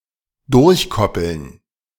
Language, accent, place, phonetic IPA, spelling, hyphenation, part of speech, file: German, Germany, Berlin, [ˈdʊʁçˌkɔpl̩n], durchkoppeln, durch‧kop‧peln, verb, De-durchkoppeln.ogg
- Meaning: to hyphenate